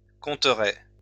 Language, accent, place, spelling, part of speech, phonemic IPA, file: French, France, Lyon, compterait, verb, /kɔ̃.tʁɛ/, LL-Q150 (fra)-compterait.wav
- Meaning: third-person singular conditional of compter